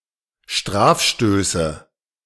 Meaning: nominative/accusative/genitive plural of Strafstoß
- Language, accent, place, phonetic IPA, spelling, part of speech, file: German, Germany, Berlin, [ˈʃtʁaːfˌʃtøːsə], Strafstöße, noun, De-Strafstöße.ogg